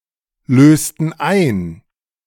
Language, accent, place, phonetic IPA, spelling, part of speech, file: German, Germany, Berlin, [ˌløːstn̩ ˈaɪ̯n], lösten ein, verb, De-lösten ein.ogg
- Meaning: inflection of einlösen: 1. first/third-person plural preterite 2. first/third-person plural subjunctive II